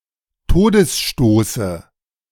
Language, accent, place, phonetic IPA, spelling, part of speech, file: German, Germany, Berlin, [ˈtoːdəsˌʃtoːsə], Todesstoße, noun, De-Todesstoße.ogg
- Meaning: dative of Todesstoß